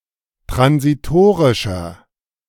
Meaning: inflection of transitorisch: 1. strong/mixed nominative masculine singular 2. strong genitive/dative feminine singular 3. strong genitive plural
- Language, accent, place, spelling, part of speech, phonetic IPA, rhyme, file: German, Germany, Berlin, transitorischer, adjective, [tʁansiˈtoːʁɪʃɐ], -oːʁɪʃɐ, De-transitorischer.ogg